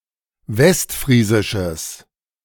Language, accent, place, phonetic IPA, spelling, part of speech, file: German, Germany, Berlin, [ˈvɛstˌfʁiːzɪʃəs], westfriesisches, adjective, De-westfriesisches.ogg
- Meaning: strong/mixed nominative/accusative neuter singular of westfriesisch